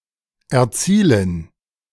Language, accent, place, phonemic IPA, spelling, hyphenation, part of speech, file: German, Germany, Berlin, /ɛɐ̯ˈtsiːlən/, erzielen, er‧zie‧len, verb, De-erzielen.ogg
- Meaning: 1. to achieve, to obtain, to attain, to reach, to arrive, to realize 2. to score (to earn points in a game)